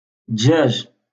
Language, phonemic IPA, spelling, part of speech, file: Moroccan Arabic, /dʒaːʒ/, دجاج, noun, LL-Q56426 (ary)-دجاج.wav
- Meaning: poultry, chickens